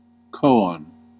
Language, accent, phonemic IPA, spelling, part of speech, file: English, US, /ˈkoʊ.ɑn/, koan, noun, En-us-koan.ogg